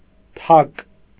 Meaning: 1. mallet; beetle 2. doorknocker 3. knock, tap
- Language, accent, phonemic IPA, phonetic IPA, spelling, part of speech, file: Armenian, Eastern Armenian, /tʰɑk/, [tʰɑk], թակ, noun, Hy-թակ.ogg